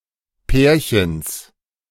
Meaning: genitive of Pärchen
- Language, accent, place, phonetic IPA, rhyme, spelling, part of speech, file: German, Germany, Berlin, [ˈpɛːɐ̯çəns], -ɛːɐ̯çəns, Pärchens, noun, De-Pärchens.ogg